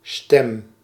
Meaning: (noun) 1. voice, sound made by the mouth using airflow 2. the ability to speak 3. vote 4. word 5. voice, property formed by vibration of the vocal cords
- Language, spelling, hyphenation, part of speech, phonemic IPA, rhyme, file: Dutch, stem, stem, noun / verb, /stɛm/, -ɛm, Nl-stem.ogg